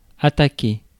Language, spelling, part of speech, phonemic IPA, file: French, attaquer, verb, /a.ta.ke/, Fr-attaquer.ogg
- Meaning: 1. to attack 2. to diminish; to spoil; to erode 3. to begin; to undertake (an enterprise, an endeavor, a task) 4. to approach (a shore)